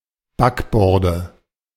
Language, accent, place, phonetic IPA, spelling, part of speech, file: German, Germany, Berlin, [ˈbakˌbɔʁdə], Backborde, noun, De-Backborde.ogg
- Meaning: nominative/accusative/genitive plural of Backbord